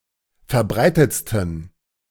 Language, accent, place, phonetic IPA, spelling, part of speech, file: German, Germany, Berlin, [fɛɐ̯ˈbʁaɪ̯tət͡stn̩], verbreitetsten, adjective, De-verbreitetsten.ogg
- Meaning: 1. superlative degree of verbreitet 2. inflection of verbreitet: strong genitive masculine/neuter singular superlative degree